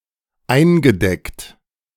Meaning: past participle of eindecken
- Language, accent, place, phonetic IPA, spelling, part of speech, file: German, Germany, Berlin, [ˈaɪ̯nɡəˌdɛkt], eingedeckt, verb, De-eingedeckt.ogg